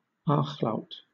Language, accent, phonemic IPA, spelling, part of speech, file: English, Southern England, /ˈɑːx laʊt/, ach-laut, noun, LL-Q1860 (eng)-ach-laut.wav